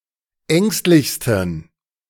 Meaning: 1. superlative degree of ängstlich 2. inflection of ängstlich: strong genitive masculine/neuter singular superlative degree
- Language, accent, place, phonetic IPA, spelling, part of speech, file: German, Germany, Berlin, [ˈɛŋstlɪçstn̩], ängstlichsten, adjective, De-ängstlichsten.ogg